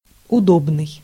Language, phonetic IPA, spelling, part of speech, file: Russian, [ʊˈdobnɨj], удобный, adjective, Ru-удобный.ogg
- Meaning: comfortable, convenient